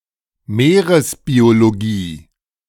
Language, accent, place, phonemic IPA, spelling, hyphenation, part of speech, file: German, Germany, Berlin, /ˈmeːʁəsbioloˌɡiː/, Meeresbiologie, Mee‧res‧bio‧lo‧gie, noun, De-Meeresbiologie.ogg
- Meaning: marine biology